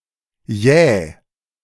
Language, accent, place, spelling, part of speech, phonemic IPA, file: German, Germany, Berlin, jäh, adjective, /jeː/, De-jäh.ogg
- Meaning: 1. abrupt, sudden 2. steep, sheer 3. precipitous, hasty